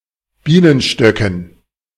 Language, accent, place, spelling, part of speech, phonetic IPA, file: German, Germany, Berlin, Bienenstöcken, noun, [ˈbiːnənʃtœkn̩], De-Bienenstöcken.ogg
- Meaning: dative plural of Bienenstock